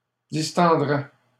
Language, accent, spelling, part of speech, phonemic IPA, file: French, Canada, distendraient, verb, /dis.tɑ̃.dʁɛ/, LL-Q150 (fra)-distendraient.wav
- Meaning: third-person plural conditional of distendre